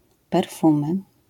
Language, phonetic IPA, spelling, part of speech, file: Polish, [pɛrˈfũmɨ], perfumy, noun, LL-Q809 (pol)-perfumy.wav